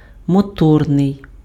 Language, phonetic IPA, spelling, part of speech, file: Ukrainian, [mɔˈtɔrnei̯], моторний, adjective, Uk-моторний.ogg
- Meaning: 1. motor (attributive) 2. agile